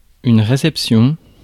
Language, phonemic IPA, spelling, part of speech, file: French, /ʁe.sɛp.sjɔ̃/, réception, noun, Fr-réception.ogg
- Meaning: 1. reception (action of receiving) 2. reception (welcoming) 3. reception (place at the entrance of a business)